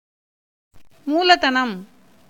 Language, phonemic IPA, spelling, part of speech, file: Tamil, /muːlɐd̪ɐnɐm/, மூலதனம், noun, Ta-மூலதனம்.ogg
- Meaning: 1. capital 2. hereditary property 3. cash